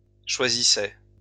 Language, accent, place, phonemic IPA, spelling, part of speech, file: French, France, Lyon, /ʃwa.zi.sɛ/, choisissait, verb, LL-Q150 (fra)-choisissait.wav
- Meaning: third-person singular imperfect indicative of choisir